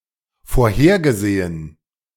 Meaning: past participle of vorhersehen
- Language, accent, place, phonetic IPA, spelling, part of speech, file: German, Germany, Berlin, [foːɐ̯ˈheːɐ̯ɡəˌzeːən], vorhergesehen, verb, De-vorhergesehen.ogg